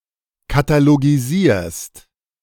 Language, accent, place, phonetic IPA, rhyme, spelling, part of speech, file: German, Germany, Berlin, [kataloɡiˈziːɐ̯st], -iːɐ̯st, katalogisierst, verb, De-katalogisierst.ogg
- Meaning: second-person singular present of katalogisieren